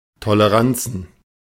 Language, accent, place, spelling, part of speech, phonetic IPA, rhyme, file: German, Germany, Berlin, Toleranzen, noun, [toləˈʁant͡sn̩], -ant͡sn̩, De-Toleranzen.ogg
- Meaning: plural of Toleranz